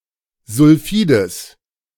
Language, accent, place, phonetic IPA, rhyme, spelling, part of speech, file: German, Germany, Berlin, [zʊlˈfiːdəs], -iːdəs, Sulfides, noun, De-Sulfides.ogg
- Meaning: genitive singular of Sulfid